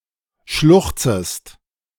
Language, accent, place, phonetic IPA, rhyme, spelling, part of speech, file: German, Germany, Berlin, [ˈʃlʊxt͡səst], -ʊxt͡səst, schluchzest, verb, De-schluchzest.ogg
- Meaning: second-person singular subjunctive I of schluchzen